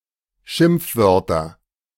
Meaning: nominative/accusative/genitive plural of Schimpfwort
- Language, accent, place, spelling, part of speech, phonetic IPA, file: German, Germany, Berlin, Schimpfwörter, noun, [ˈʃɪmp͡fˌvœʁtɐ], De-Schimpfwörter.ogg